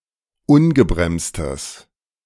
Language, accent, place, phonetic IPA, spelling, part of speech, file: German, Germany, Berlin, [ˈʊnɡəbʁɛmstəs], ungebremstes, adjective, De-ungebremstes.ogg
- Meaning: strong/mixed nominative/accusative neuter singular of ungebremst